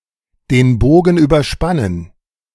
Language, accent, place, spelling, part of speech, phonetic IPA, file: German, Germany, Berlin, den Bogen überspannen, phrase, [deːn ˈboːɡn̩ yːbɐˌʃpanən], De-den Bogen überspannen.ogg
- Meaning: to go too far, overstep the mark